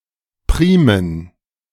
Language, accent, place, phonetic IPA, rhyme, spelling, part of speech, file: German, Germany, Berlin, [ˈpʁiːmən], -iːmən, Primen, noun, De-Primen.ogg
- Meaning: plural of Prima